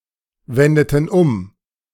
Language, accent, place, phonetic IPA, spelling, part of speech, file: German, Germany, Berlin, [ˌvɛndətn̩ ˈʊm], wendeten um, verb, De-wendeten um.ogg
- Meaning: inflection of umwenden: 1. first/third-person plural preterite 2. first/third-person plural subjunctive II